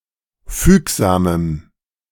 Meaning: strong dative masculine/neuter singular of fügsam
- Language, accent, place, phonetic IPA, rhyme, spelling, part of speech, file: German, Germany, Berlin, [ˈfyːkzaːməm], -yːkzaːməm, fügsamem, adjective, De-fügsamem.ogg